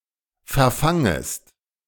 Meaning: second-person singular subjunctive I of verfangen
- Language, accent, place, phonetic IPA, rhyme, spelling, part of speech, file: German, Germany, Berlin, [fɛɐ̯ˈfaŋəst], -aŋəst, verfangest, verb, De-verfangest.ogg